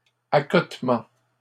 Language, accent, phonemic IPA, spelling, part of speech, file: French, Canada, /a.kɔt.mɑ̃/, accotement, noun, LL-Q150 (fra)-accotement.wav
- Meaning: hard shoulder, shoulder